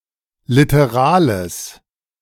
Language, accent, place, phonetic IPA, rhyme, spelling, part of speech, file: German, Germany, Berlin, [ˌlɪtəˈʁaːləs], -aːləs, literales, adjective, De-literales.ogg
- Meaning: strong/mixed nominative/accusative neuter singular of literal